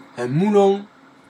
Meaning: 1. a stack shaped like a haystack 2. a large quantity of something
- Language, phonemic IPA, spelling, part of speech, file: French, /mu.lɔ̃/, moulon, noun, Fr-moulon.ogg